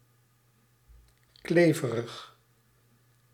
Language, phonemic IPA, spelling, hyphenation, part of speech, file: Dutch, /ˈkleː.və.rəx/, kleverig, kle‧ve‧rig, adjective, Nl-kleverig.ogg
- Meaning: sticky